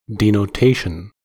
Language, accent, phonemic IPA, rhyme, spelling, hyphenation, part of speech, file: English, US, /ˌdiː.noʊˈteɪ.ʃən/, -eɪʃən, denotation, de‧no‧ta‧tion, noun, En-us-denotation.ogg
- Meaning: The act of denoting, or something (such as a symbol) that denotes